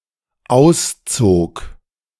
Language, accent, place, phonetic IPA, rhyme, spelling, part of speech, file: German, Germany, Berlin, [ˈaʊ̯sˌt͡soːk], -aʊ̯st͡soːk, auszog, verb, De-auszog.ogg
- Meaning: first/third-person singular dependent preterite of ausziehen